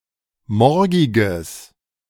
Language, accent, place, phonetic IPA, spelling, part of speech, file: German, Germany, Berlin, [ˈmɔʁɡɪɡəs], morgiges, adjective, De-morgiges.ogg
- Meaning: strong/mixed nominative/accusative neuter singular of morgig